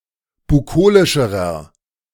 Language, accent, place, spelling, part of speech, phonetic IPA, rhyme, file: German, Germany, Berlin, bukolischerer, adjective, [buˈkoːlɪʃəʁɐ], -oːlɪʃəʁɐ, De-bukolischerer.ogg
- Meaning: inflection of bukolisch: 1. strong/mixed nominative masculine singular comparative degree 2. strong genitive/dative feminine singular comparative degree 3. strong genitive plural comparative degree